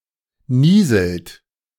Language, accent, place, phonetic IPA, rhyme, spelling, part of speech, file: German, Germany, Berlin, [ˈniːzl̩t], -iːzl̩t, nieselt, verb, De-nieselt.ogg
- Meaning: third-person singular present of nieseln